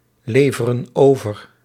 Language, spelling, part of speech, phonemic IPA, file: Dutch, leveren over, verb, /ˈlevərə(n) ˈovər/, Nl-leveren over.ogg
- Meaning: inflection of overleveren: 1. plural present indicative 2. plural present subjunctive